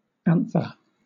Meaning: The pollen-bearing part of the stamen of a flower
- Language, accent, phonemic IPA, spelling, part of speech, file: English, Southern England, /ˈæn.θə/, anther, noun, LL-Q1860 (eng)-anther.wav